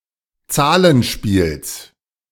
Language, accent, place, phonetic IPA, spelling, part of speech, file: German, Germany, Berlin, [ˈt͡saːlənˌʃpiːls], Zahlenspiels, noun, De-Zahlenspiels.ogg
- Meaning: genitive of Zahlenspiel